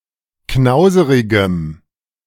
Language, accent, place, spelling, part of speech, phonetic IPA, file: German, Germany, Berlin, knauserigem, adjective, [ˈknaʊ̯zəʁɪɡəm], De-knauserigem.ogg
- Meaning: strong dative masculine/neuter singular of knauserig